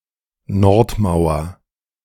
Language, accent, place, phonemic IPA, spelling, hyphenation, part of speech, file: German, Germany, Berlin, /ˈnɔʁtˌmaʊ̯ɐ/, Nordmauer, Nord‧mau‧er, noun, De-Nordmauer.ogg
- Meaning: north wall